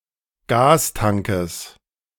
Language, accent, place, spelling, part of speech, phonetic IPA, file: German, Germany, Berlin, Gastankes, noun, [ˈɡaːsˌtaŋkəs], De-Gastankes.ogg
- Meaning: genitive singular of Gastank